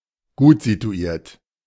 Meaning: well-to-do, wealthy
- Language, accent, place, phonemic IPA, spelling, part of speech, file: German, Germany, Berlin, /ˈɡuːtzituˌiːɐ̯t/, gutsituiert, adjective, De-gutsituiert.ogg